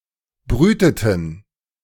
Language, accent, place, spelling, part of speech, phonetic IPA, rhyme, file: German, Germany, Berlin, brüteten, verb, [ˈbʁyːtətn̩], -yːtətn̩, De-brüteten.ogg
- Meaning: inflection of brüten: 1. first/third-person plural preterite 2. first/third-person plural subjunctive II